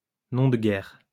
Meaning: 1. pseudonym used in wartime 2. nom de guerre: pseudonym
- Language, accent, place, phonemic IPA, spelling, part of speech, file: French, France, Lyon, /nɔ̃ d(ə) ɡɛʁ/, nom de guerre, noun, LL-Q150 (fra)-nom de guerre.wav